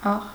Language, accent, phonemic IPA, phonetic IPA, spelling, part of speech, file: Armenian, Eastern Armenian, /ɑʁ/, [ɑʁ], աղ, noun, Hy-աղ.ogg
- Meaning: 1. salt 2. gist, essence